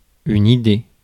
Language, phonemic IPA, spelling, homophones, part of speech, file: French, /i.de/, idée, Idée, noun, Fr-idée.ogg
- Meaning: idea